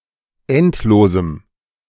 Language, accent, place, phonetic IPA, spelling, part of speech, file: German, Germany, Berlin, [ˈɛntˌloːzm̩], endlosem, adjective, De-endlosem.ogg
- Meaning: strong dative masculine/neuter singular of endlos